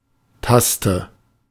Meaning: key, button (on a piano, keyboard, etc.)
- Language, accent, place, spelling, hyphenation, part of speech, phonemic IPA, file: German, Germany, Berlin, Taste, Tas‧te, noun, /ˈtastə/, De-Taste.ogg